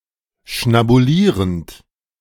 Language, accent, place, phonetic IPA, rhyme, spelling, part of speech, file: German, Germany, Berlin, [ʃnabuˈliːʁənt], -iːʁənt, schnabulierend, verb, De-schnabulierend.ogg
- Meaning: present participle of schnabulieren